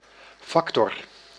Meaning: 1. a factor, element 2. factor 3. business representative
- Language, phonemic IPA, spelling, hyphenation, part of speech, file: Dutch, /ˈfɑk.tɔr/, factor, fac‧tor, noun, Nl-factor.ogg